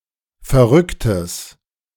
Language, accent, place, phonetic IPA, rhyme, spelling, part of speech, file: German, Germany, Berlin, [fɛɐ̯ˈʁʏktəs], -ʏktəs, verrücktes, adjective, De-verrücktes.ogg
- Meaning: strong/mixed nominative/accusative neuter singular of verrückt